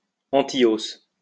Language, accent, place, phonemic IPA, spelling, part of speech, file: French, France, Lyon, /ɑ̃.ti.os/, antihausse, adjective, LL-Q150 (fra)-antihausse.wav
- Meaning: anti-inflationary